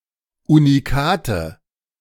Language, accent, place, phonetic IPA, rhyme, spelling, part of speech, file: German, Germany, Berlin, [uniˈkaːtə], -aːtə, Unikate, noun, De-Unikate.ogg
- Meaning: nominative/accusative/genitive plural of Unikat